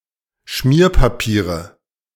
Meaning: nominative/accusative/genitive plural of Schmierpapier
- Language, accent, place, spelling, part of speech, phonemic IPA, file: German, Germany, Berlin, Schmierpapiere, noun, /ˈʃmiːɐ̯paˌpiːʁə/, De-Schmierpapiere.ogg